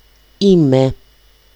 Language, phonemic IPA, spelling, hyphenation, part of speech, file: Greek, /ˈi.me/, είμαι, εί‧μαι, verb, El-είμαι.ogg
- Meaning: 1. to be 2. there is, there are, to exist 3. to support, be a supporter of (team, political party etc) 4. to be + participles to form alternative passive perfect tenses